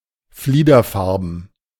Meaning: lilac-colored; pale purple, mauve
- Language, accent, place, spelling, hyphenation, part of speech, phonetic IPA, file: German, Germany, Berlin, fliederfarben, flie‧der‧far‧ben, adjective, [ˈfliːdɐˌfaʁbn̩], De-fliederfarben.ogg